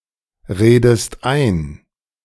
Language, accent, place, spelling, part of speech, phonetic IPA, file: German, Germany, Berlin, redest ein, verb, [ˌʁeːdəst ˈaɪ̯n], De-redest ein.ogg
- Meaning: inflection of einreden: 1. second-person singular present 2. second-person singular subjunctive I